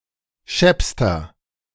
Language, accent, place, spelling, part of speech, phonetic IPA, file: German, Germany, Berlin, scheppster, adjective, [ˈʃɛpstɐ], De-scheppster.ogg
- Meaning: inflection of schepp: 1. strong/mixed nominative masculine singular superlative degree 2. strong genitive/dative feminine singular superlative degree 3. strong genitive plural superlative degree